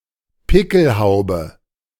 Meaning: pickelhaube
- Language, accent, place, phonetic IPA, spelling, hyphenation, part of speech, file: German, Germany, Berlin, [ˈpɪkl̩ˌhaʊ̯bə], Pickelhaube, Pi‧ckel‧hau‧be, noun, De-Pickelhaube.ogg